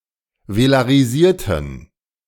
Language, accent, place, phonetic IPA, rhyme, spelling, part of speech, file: German, Germany, Berlin, [velaʁiˈziːɐ̯tn̩], -iːɐ̯tn̩, velarisierten, adjective / verb, De-velarisierten.ogg
- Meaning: inflection of velarisieren: 1. first/third-person plural preterite 2. first/third-person plural subjunctive II